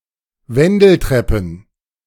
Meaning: plural of Wendeltreppe
- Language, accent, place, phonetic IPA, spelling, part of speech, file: German, Germany, Berlin, [ˈvɛndl̩ˌtʁɛpn̩], Wendeltreppen, noun, De-Wendeltreppen.ogg